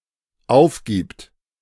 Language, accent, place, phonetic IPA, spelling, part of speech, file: German, Germany, Berlin, [ˈaʊ̯fˌɡiːpt], aufgibt, verb, De-aufgibt.ogg
- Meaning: third-person singular dependent present of aufgeben